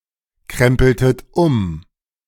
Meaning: inflection of umkrempeln: 1. second-person plural preterite 2. second-person plural subjunctive II
- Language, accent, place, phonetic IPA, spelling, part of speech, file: German, Germany, Berlin, [ˌkʁɛmpl̩tət ˈʊm], krempeltet um, verb, De-krempeltet um.ogg